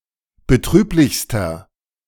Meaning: inflection of betrüblich: 1. strong/mixed nominative masculine singular superlative degree 2. strong genitive/dative feminine singular superlative degree 3. strong genitive plural superlative degree
- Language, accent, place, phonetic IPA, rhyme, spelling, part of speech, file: German, Germany, Berlin, [bəˈtʁyːplɪçstɐ], -yːplɪçstɐ, betrüblichster, adjective, De-betrüblichster.ogg